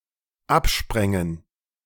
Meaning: first/third-person plural dependent subjunctive II of abspringen
- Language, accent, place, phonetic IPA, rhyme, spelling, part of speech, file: German, Germany, Berlin, [ˈapˌʃpʁɛŋən], -apʃpʁɛŋən, absprängen, verb, De-absprängen.ogg